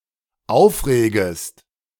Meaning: second-person singular dependent subjunctive I of aufregen
- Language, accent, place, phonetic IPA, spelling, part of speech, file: German, Germany, Berlin, [ˈaʊ̯fˌʁeːɡəst], aufregest, verb, De-aufregest.ogg